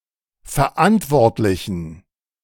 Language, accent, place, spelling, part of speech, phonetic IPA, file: German, Germany, Berlin, Verantwortlichen, noun, [fɛɐ̯ˈʔantvɔʁtlɪçn̩], De-Verantwortlichen.ogg
- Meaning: dative plural of Verantwortlicher